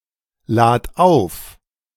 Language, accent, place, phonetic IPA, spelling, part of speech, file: German, Germany, Berlin, [ˌlaːt ˈaʊ̯f], lad auf, verb, De-lad auf.ogg
- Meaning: singular imperative of aufladen